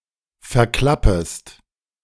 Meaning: second-person singular subjunctive I of verklappen
- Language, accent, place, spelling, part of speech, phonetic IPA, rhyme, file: German, Germany, Berlin, verklappest, verb, [fɛɐ̯ˈklapəst], -apəst, De-verklappest.ogg